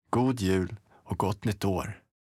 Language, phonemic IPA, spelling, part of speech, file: Swedish, /ɡuː(d)jʉːl ɔ(k)ɡɔt nʏt oːr/, god jul och gott nytt år, phrase, Sv-God jul och gott nytt år.ogg
- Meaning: merry Christmas and a happy New Year